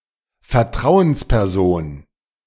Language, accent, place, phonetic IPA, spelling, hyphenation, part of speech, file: German, Germany, Berlin, [fɛɐ̯ˈtʁaʊ̯ənspɛʁˌzoːn], Vertrauensperson, Ver‧trau‧ens‧per‧son, noun, De-Vertrauensperson.ogg
- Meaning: 1. confidant 2. representative 3. trusted person